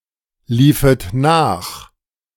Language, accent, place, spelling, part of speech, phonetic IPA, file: German, Germany, Berlin, liefet nach, verb, [ˌliːfət ˈnaːx], De-liefet nach.ogg
- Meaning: second-person plural subjunctive II of nachlaufen